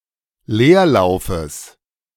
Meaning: genitive singular of Leerlauf
- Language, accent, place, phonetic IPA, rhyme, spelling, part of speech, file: German, Germany, Berlin, [ˈleːɐ̯ˌlaʊ̯fəs], -eːɐ̯laʊ̯fəs, Leerlaufes, noun, De-Leerlaufes.ogg